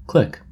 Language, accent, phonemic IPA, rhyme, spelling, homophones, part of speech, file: English, US, /klɪk/, -ɪk, klick, click / clique, noun, En-us-klick.oga
- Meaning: 1. A kilometer 2. Kilometres per hour 3. Alternative spelling of click (mostly as an interjection)